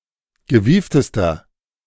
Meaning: inflection of gewieft: 1. strong/mixed nominative masculine singular superlative degree 2. strong genitive/dative feminine singular superlative degree 3. strong genitive plural superlative degree
- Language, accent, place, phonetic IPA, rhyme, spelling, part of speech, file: German, Germany, Berlin, [ɡəˈviːftəstɐ], -iːftəstɐ, gewieftester, adjective, De-gewieftester.ogg